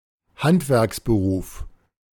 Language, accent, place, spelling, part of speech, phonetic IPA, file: German, Germany, Berlin, Handwerksberuf, noun, [ˈhantvɛʁksbəˌʁuːf], De-Handwerksberuf.ogg
- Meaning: skilled trade (of a craftsman)